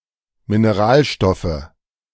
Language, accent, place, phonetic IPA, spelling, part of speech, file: German, Germany, Berlin, [mineˈʁaːlˌʃtɔfə], Mineralstoffe, noun, De-Mineralstoffe.ogg
- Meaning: nominative/accusative/genitive plural of Mineralstoff